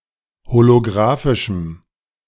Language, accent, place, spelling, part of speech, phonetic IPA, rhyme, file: German, Germany, Berlin, holografischem, adjective, [holoˈɡʁaːfɪʃm̩], -aːfɪʃm̩, De-holografischem.ogg
- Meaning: strong dative masculine/neuter singular of holografisch